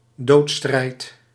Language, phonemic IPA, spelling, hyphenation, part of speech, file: Dutch, /ˈdoːt.strɛi̯t/, doodstrijd, dood‧strijd, noun, Nl-doodstrijd.ogg
- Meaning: 1. a fight to the death, a struggle or battle of life and death 2. death throes